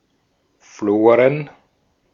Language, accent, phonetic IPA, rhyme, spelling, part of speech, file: German, Austria, [ˈfloːʁən], -oːʁən, Floren, noun, De-at-Floren.ogg
- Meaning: plural of Flora